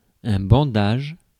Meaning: bandage
- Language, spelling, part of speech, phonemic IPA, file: French, bandage, noun, /bɑ̃.daʒ/, Fr-bandage.ogg